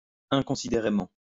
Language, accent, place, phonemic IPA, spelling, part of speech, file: French, France, Lyon, /ɛ̃.kɔ̃.si.de.ʁe.mɑ̃/, inconsidérément, adverb, LL-Q150 (fra)-inconsidérément.wav
- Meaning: inconsiderately, thoughtlessly